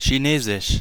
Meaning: 1. Chinese 2. jargon (often used as the second element in compounds, e.g. “Patentchinesisch” is used for “patentese”)
- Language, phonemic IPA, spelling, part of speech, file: German, /çiˈneːzɪʃ/, Chinesisch, proper noun, De-Chinesisch.ogg